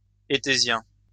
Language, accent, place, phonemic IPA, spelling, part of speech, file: French, France, Lyon, /e.te.zjɛ̃/, étésien, adjective / noun, LL-Q150 (fra)-étésien.wav
- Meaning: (adjective) etesian